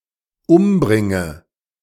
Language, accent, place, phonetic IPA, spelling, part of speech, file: German, Germany, Berlin, [ˈʊmˌbʁɪŋə], umbringe, verb, De-umbringe.ogg
- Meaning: inflection of umbringen: 1. first-person singular dependent present 2. first/third-person singular dependent subjunctive I